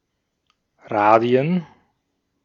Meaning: plural of Radius
- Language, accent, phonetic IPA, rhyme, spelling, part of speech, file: German, Austria, [ˈʁaːdi̯ən], -aːdi̯ən, Radien, noun, De-at-Radien.ogg